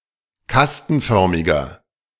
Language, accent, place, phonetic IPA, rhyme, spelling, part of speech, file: German, Germany, Berlin, [ˈkastn̩ˌfœʁmɪɡɐ], -astn̩fœʁmɪɡɐ, kastenförmiger, adjective, De-kastenförmiger.ogg
- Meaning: inflection of kastenförmig: 1. strong/mixed nominative masculine singular 2. strong genitive/dative feminine singular 3. strong genitive plural